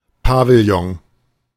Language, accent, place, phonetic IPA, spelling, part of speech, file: German, Germany, Berlin, [ˈpa.vl̩ˌjɔŋ], Pavillon, noun, De-Pavillon.ogg
- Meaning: pavilion; gazebo